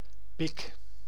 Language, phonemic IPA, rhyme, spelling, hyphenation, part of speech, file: Dutch, /pɪk/, -ɪk, pik, pik, noun / verb, Nl-pik.ogg
- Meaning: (noun) 1. penis 2. a down, prejudiced attitude against someone who is thus 'picked on', especially from a position of authority 3. mate, bro 4. alternative form of pek 5. pick, pickaxe